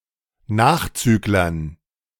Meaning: dative plural of Nachzügler
- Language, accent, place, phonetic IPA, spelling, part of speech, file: German, Germany, Berlin, [ˈnaːxˌt͡syːklɐn], Nachzüglern, noun, De-Nachzüglern.ogg